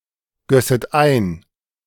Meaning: second-person plural subjunctive II of eingießen
- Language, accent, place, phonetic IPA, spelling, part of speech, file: German, Germany, Berlin, [ˌɡœsət ˈaɪ̯n], gösset ein, verb, De-gösset ein.ogg